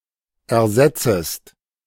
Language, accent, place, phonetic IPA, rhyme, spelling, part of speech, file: German, Germany, Berlin, [ɛɐ̯ˈzɛt͡səst], -ɛt͡səst, ersetzest, verb, De-ersetzest.ogg
- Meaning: second-person singular subjunctive I of ersetzen